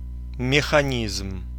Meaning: mechanism, machinery (working parts of a machine as a group)
- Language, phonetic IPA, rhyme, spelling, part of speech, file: Russian, [mʲɪxɐˈnʲizm], -izm, механизм, noun, Ru-механизм.ogg